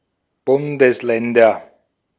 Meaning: nominative/accusative/genitive plural of Bundesland
- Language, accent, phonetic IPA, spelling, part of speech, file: German, Austria, [ˈbʊndəsˌlɛndɐ], Bundesländer, noun, De-at-Bundesländer.ogg